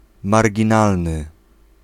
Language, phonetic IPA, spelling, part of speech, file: Polish, [ˌmarʲɟĩˈnalnɨ], marginalny, adjective, Pl-marginalny.ogg